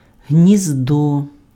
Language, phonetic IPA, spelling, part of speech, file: Ukrainian, [ɦnʲizˈdɔ], гніздо, noun, Uk-гніздо.ogg
- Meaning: 1. nest, aerie 2. group of words that are related in some way